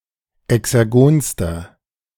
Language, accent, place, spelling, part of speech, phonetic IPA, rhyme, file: German, Germany, Berlin, exergonster, adjective, [ɛksɛʁˈɡoːnstɐ], -oːnstɐ, De-exergonster.ogg
- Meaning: inflection of exergon: 1. strong/mixed nominative masculine singular superlative degree 2. strong genitive/dative feminine singular superlative degree 3. strong genitive plural superlative degree